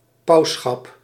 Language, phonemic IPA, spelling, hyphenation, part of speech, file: Dutch, /ˈpɑu̯s.sxɑp/, pausschap, paus‧schap, noun, Nl-pausschap.ogg
- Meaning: papacy, popedom